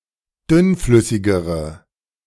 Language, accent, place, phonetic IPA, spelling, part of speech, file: German, Germany, Berlin, [ˈdʏnˌflʏsɪɡəʁə], dünnflüssigere, adjective, De-dünnflüssigere.ogg
- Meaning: inflection of dünnflüssig: 1. strong/mixed nominative/accusative feminine singular comparative degree 2. strong nominative/accusative plural comparative degree